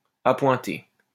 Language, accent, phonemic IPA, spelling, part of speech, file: French, France, /a.pwɛ̃.te/, appointé, adjective, LL-Q150 (fra)-appointé.wav
- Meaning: 1. salaried 2. appointed